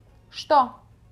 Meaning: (conjunction) 1. that 2. both … and; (pronoun) 1. what 2. that, which
- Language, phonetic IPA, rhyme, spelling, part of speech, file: Russian, [ʂto], -o, что, conjunction / pronoun, Ru-что2.ogg